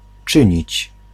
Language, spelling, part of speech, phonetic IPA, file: Polish, czynić, verb, [ˈt͡ʃɨ̃ɲit͡ɕ], Pl-czynić.ogg